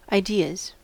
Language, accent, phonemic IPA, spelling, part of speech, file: English, US, /aːˈdɪɹz/, ideas, noun, En-us-ideas.ogg
- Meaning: plural of idea